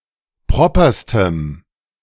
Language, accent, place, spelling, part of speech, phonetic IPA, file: German, Germany, Berlin, properstem, adjective, [ˈpʁɔpɐstəm], De-properstem.ogg
- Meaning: strong dative masculine/neuter singular superlative degree of proper